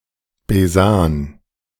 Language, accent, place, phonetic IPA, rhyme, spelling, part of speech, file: German, Germany, Berlin, [beˈzaːn], -aːn, Besan, noun, De-Besan.ogg
- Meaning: 1. mizzen, mizzensail 2. mizzen, mizzenmast